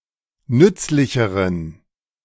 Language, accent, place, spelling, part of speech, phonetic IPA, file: German, Germany, Berlin, nützlicheren, adjective, [ˈnʏt͡slɪçəʁən], De-nützlicheren.ogg
- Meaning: inflection of nützlich: 1. strong genitive masculine/neuter singular comparative degree 2. weak/mixed genitive/dative all-gender singular comparative degree